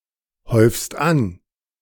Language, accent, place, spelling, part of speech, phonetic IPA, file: German, Germany, Berlin, häufst an, verb, [ˌhɔɪ̯fst ˈan], De-häufst an.ogg
- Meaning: second-person singular present of anhäufen